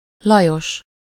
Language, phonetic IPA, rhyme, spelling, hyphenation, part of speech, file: Hungarian, [ˈlɒjoʃ], -oʃ, Lajos, La‧jos, proper noun, Hu-Lajos.ogg
- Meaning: a male given name, equivalent to English Louis